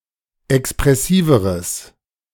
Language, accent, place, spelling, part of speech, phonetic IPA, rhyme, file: German, Germany, Berlin, expressiveres, adjective, [ɛkspʁɛˈsiːvəʁəs], -iːvəʁəs, De-expressiveres.ogg
- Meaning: strong/mixed nominative/accusative neuter singular comparative degree of expressiv